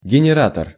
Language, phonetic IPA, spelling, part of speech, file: Russian, [ɡʲɪnʲɪˈratər], генератор, noun, Ru-генератор.ogg
- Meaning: generator